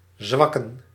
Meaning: to weaken, to become/make strengthless
- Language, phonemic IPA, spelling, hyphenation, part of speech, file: Dutch, /ˈzʋɑkə(n)/, zwakken, zwak‧ken, verb, Nl-zwakken.ogg